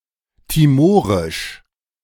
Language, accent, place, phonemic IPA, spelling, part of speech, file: German, Germany, Berlin, /tiˈmoːʁɪʃ/, timorisch, adjective, De-timorisch.ogg
- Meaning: Timorese